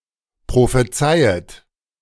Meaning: second-person plural subjunctive I of prophezeien
- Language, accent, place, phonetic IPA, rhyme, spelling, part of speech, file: German, Germany, Berlin, [pʁofeˈt͡saɪ̯ət], -aɪ̯ət, prophezeiet, verb, De-prophezeiet.ogg